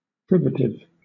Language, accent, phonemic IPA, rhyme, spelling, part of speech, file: English, Southern England, /ˈprɪvətɪv/, -ɪvətɪv, privative, adjective / noun, LL-Q1860 (eng)-privative.wav
- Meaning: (adjective) 1. Causing privation; depriving 2. Consisting in the absence of something; negative 3. Indicating the absence of something; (noun) something that causes privation or indicates an absence